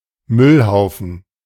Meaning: trash heap
- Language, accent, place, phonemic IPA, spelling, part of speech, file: German, Germany, Berlin, /ˈmʏlˌhaʊ̯fn̩/, Müllhaufen, noun, De-Müllhaufen.ogg